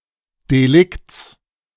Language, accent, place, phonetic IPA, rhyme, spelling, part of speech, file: German, Germany, Berlin, [deˈlɪkt͡s], -ɪkt͡s, Delikts, noun, De-Delikts.ogg
- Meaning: genitive singular of Delikt